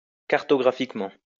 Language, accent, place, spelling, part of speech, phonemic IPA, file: French, France, Lyon, cartographiquement, adverb, /kaʁ.tɔ.ɡʁa.fik.mɑ̃/, LL-Q150 (fra)-cartographiquement.wav
- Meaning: cartographically